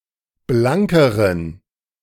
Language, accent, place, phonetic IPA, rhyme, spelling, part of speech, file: German, Germany, Berlin, [ˈblaŋkəʁən], -aŋkəʁən, blankeren, adjective, De-blankeren.ogg
- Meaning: inflection of blank: 1. strong genitive masculine/neuter singular comparative degree 2. weak/mixed genitive/dative all-gender singular comparative degree